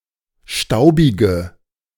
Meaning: inflection of staubig: 1. strong/mixed nominative/accusative feminine singular 2. strong nominative/accusative plural 3. weak nominative all-gender singular 4. weak accusative feminine/neuter singular
- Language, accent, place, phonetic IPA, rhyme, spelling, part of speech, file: German, Germany, Berlin, [ˈʃtaʊ̯bɪɡə], -aʊ̯bɪɡə, staubige, adjective, De-staubige.ogg